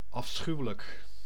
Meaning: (adjective) heinous, horrible; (adverb) heinously, horribly (used as an intensifier)
- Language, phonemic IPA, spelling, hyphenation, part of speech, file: Dutch, /ɑfˈsxyu̯ələk/, afschuwelijk, af‧schu‧we‧lijk, adjective / adverb, Nl-afschuwelijk.ogg